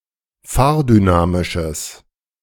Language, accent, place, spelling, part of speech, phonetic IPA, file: German, Germany, Berlin, fahrdynamisches, adjective, [ˈfaːɐ̯dyˌnaːmɪʃəs], De-fahrdynamisches.ogg
- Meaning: strong/mixed nominative/accusative neuter singular of fahrdynamisch